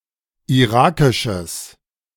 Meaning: strong/mixed nominative/accusative neuter singular of irakisch
- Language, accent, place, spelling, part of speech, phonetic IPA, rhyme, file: German, Germany, Berlin, irakisches, adjective, [iˈʁaːkɪʃəs], -aːkɪʃəs, De-irakisches.ogg